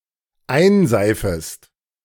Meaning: second-person singular dependent subjunctive I of einseifen
- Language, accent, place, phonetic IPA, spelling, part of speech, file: German, Germany, Berlin, [ˈaɪ̯nˌzaɪ̯fəst], einseifest, verb, De-einseifest.ogg